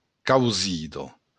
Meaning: choice
- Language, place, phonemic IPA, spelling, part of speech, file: Occitan, Béarn, /kawˈziðo/, causida, noun, LL-Q14185 (oci)-causida.wav